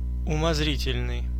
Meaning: speculative
- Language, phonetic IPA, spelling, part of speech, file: Russian, [ʊmɐzˈrʲitʲɪlʲnɨj], умозрительный, adjective, Ru-умозрительный.ogg